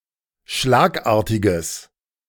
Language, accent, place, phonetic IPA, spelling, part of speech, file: German, Germany, Berlin, [ˈʃlaːkˌʔaːɐ̯tɪɡəs], schlagartiges, adjective, De-schlagartiges.ogg
- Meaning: strong/mixed nominative/accusative neuter singular of schlagartig